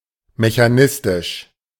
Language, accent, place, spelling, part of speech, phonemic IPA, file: German, Germany, Berlin, mechanistisch, adjective, /meçaˈnɪstɪʃ/, De-mechanistisch.ogg
- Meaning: mechanistic